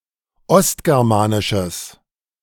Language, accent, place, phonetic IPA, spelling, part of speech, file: German, Germany, Berlin, [ˈɔstɡɛʁmaːnɪʃəs], ostgermanisches, adjective, De-ostgermanisches.ogg
- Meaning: strong/mixed nominative/accusative neuter singular of ostgermanisch